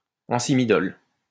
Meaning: ancymidol
- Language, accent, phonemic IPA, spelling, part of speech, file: French, France, /ɑ̃.si.mi.dɔl/, ancymidole, noun, LL-Q150 (fra)-ancymidole.wav